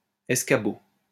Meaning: 1. footstool 2. step ladder
- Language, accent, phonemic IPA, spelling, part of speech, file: French, France, /ɛs.ka.bo/, escabeau, noun, LL-Q150 (fra)-escabeau.wav